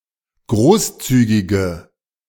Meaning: inflection of großzügig: 1. strong/mixed nominative/accusative feminine singular 2. strong nominative/accusative plural 3. weak nominative all-gender singular
- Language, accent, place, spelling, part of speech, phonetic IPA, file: German, Germany, Berlin, großzügige, adjective, [ˈɡʁoːsˌt͡syːɡɪɡə], De-großzügige.ogg